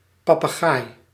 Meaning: 1. parrot, member of the order Psittaciformes, especially of the families Psittacidae and Psittaculidae 2. a person who parrots other people 3. a bird-shaped target in archery 4. papist
- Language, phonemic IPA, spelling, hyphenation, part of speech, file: Dutch, /pɑpəˈɣaːi/, papegaai, pa‧pe‧gaai, noun, Nl-papegaai.ogg